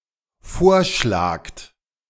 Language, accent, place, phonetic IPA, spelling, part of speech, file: German, Germany, Berlin, [ˈfoːɐ̯ˌʃlaːkt], vorschlagt, verb, De-vorschlagt.ogg
- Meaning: second-person plural dependent present of vorschlagen